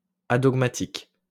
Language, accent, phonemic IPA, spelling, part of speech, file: French, France, /a.dɔɡ.ma.tik/, adogmatique, adjective, LL-Q150 (fra)-adogmatique.wav
- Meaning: adogmatic